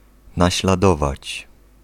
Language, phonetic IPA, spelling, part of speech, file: Polish, [ˌnaɕlaˈdɔvat͡ɕ], naśladować, verb, Pl-naśladować.ogg